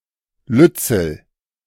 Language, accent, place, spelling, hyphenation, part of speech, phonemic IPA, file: German, Germany, Berlin, lützel, lüt‧zel, adjective, /ˈlʏt͡sl̩/, De-lützel.ogg
- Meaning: little, small (in size)